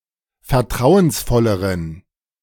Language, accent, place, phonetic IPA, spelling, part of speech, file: German, Germany, Berlin, [fɛɐ̯ˈtʁaʊ̯ənsˌfɔləʁən], vertrauensvolleren, adjective, De-vertrauensvolleren.ogg
- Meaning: inflection of vertrauensvoll: 1. strong genitive masculine/neuter singular comparative degree 2. weak/mixed genitive/dative all-gender singular comparative degree